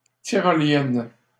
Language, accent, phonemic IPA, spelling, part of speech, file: French, Canada, /ti.ʁɔ.ljɛn/, tyrolienne, noun / adjective, LL-Q150 (fra)-tyrolienne.wav
- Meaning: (noun) 1. yodeling (type of singing) 2. zipline (pulley suspended on a cable) 3. mortar sprayer, Tyrolean gun; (adjective) feminine singular of tyrolien